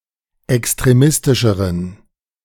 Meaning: inflection of extremistisch: 1. strong genitive masculine/neuter singular comparative degree 2. weak/mixed genitive/dative all-gender singular comparative degree
- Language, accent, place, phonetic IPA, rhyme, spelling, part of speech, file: German, Germany, Berlin, [ɛkstʁeˈmɪstɪʃəʁən], -ɪstɪʃəʁən, extremistischeren, adjective, De-extremistischeren.ogg